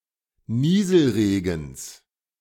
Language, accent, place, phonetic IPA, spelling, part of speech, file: German, Germany, Berlin, [ˈniːzl̩ˌʁeːɡn̩s], Nieselregens, noun, De-Nieselregens.ogg
- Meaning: genitive singular of Nieselregen